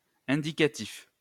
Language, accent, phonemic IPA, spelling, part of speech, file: French, France, /ɛ̃.di.ka.tif/, indicatif, adjective / noun, LL-Q150 (fra)-indicatif.wav
- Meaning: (adjective) indicative (serving to indicate); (noun) indicative